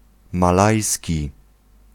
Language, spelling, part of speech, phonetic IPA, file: Polish, malajski, adjective / noun, [maˈlajsʲci], Pl-malajski.ogg